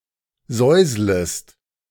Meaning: second-person singular subjunctive I of säuseln
- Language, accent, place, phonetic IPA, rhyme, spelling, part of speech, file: German, Germany, Berlin, [ˈzɔɪ̯zləst], -ɔɪ̯zləst, säuslest, verb, De-säuslest.ogg